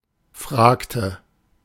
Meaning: inflection of fragen: 1. first/third-person singular preterite 2. first/third-person singular subjunctive II
- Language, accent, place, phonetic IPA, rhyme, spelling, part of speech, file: German, Germany, Berlin, [ˈfʁaːktə], -aːktə, fragte, verb, De-fragte.ogg